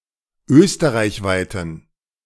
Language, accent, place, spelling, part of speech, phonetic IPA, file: German, Germany, Berlin, österreichweiten, adjective, [ˈøːstəʁaɪ̯çˌvaɪ̯tn̩], De-österreichweiten.ogg
- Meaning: inflection of österreichweit: 1. strong genitive masculine/neuter singular 2. weak/mixed genitive/dative all-gender singular 3. strong/weak/mixed accusative masculine singular 4. strong dative plural